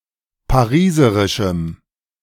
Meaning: strong dative masculine/neuter singular of pariserisch
- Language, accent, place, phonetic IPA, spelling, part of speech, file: German, Germany, Berlin, [paˈʁiːzəʁɪʃm̩], pariserischem, adjective, De-pariserischem.ogg